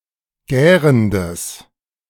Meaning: strong/mixed nominative/accusative neuter singular of gärend
- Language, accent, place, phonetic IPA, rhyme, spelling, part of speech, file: German, Germany, Berlin, [ˈɡɛːʁəndəs], -ɛːʁəndəs, gärendes, adjective, De-gärendes.ogg